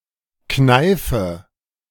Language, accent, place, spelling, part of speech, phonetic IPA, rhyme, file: German, Germany, Berlin, kneife, verb, [ˈknaɪ̯fə], -aɪ̯fə, De-kneife.ogg
- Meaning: inflection of kneifen: 1. first-person singular present 2. first/third-person singular subjunctive I 3. singular imperative